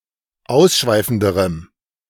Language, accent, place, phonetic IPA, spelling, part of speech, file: German, Germany, Berlin, [ˈaʊ̯sˌʃvaɪ̯fn̩dəʁəm], ausschweifenderem, adjective, De-ausschweifenderem.ogg
- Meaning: strong dative masculine/neuter singular comparative degree of ausschweifend